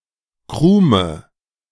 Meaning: 1. the soft part of a baked good which is inside the crust; the crumb 2. a small, broken off piece; a crumb 3. topsoil
- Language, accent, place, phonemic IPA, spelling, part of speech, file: German, Germany, Berlin, /ˈkʁuːmə/, Krume, noun, De-Krume.ogg